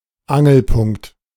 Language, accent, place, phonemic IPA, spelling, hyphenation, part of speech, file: German, Germany, Berlin, /ˈaŋl̩pʊŋkt/, Angelpunkt, An‧gel‧punkt, noun, De-Angelpunkt.ogg
- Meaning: pivot